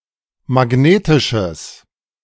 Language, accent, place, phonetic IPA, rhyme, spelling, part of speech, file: German, Germany, Berlin, [maˈɡneːtɪʃəs], -eːtɪʃəs, magnetisches, adjective, De-magnetisches.ogg
- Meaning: strong/mixed nominative/accusative neuter singular of magnetisch